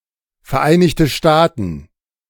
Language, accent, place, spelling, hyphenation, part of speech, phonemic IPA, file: German, Germany, Berlin, Vereinigte Staaten, Ver‧ei‧nig‧te Staa‧ten, proper noun, /fɛʁˌʔaɪ̯nɪçtə ˈʃtaːtn̩/, De-Vereinigte Staaten.ogg
- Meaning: United States (a country in North America)